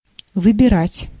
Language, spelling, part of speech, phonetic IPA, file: Russian, выбирать, verb, [vɨbʲɪˈratʲ], Ru-выбирать.ogg
- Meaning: 1. to choose, to select, to pick, to pick out 2. to elect 3. to take out, to pick out, to remove 4. to haul in (a net, rope, or hawser), to pull up (an anchor) 5. to find (free time, etc.)